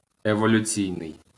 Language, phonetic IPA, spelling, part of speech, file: Ukrainian, [ewɔlʲʊˈt͡sʲii̯nei̯], еволюційний, adjective, LL-Q8798 (ukr)-еволюційний.wav
- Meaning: evolutionary